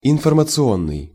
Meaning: information; informational
- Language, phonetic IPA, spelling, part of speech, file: Russian, [ɪnfərmət͡sɨˈonːɨj], информационный, adjective, Ru-информационный.ogg